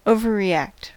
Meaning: To react too much or too intensely
- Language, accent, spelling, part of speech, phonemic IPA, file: English, US, overreact, verb, /ˌoʊ.vəɹ.ɹiˈækt/, En-us-overreact.ogg